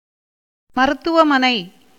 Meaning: hospital, clinic, nursing home
- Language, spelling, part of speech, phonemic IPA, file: Tamil, மருத்துவமனை, noun, /mɐɾʊt̪ːʊʋɐmɐnɐɪ̯/, Ta-மருத்துவமனை.ogg